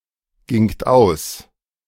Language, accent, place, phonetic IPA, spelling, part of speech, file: German, Germany, Berlin, [ˌɡɪŋt ˈaʊ̯s], gingt aus, verb, De-gingt aus.ogg
- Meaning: second-person plural preterite of ausgehen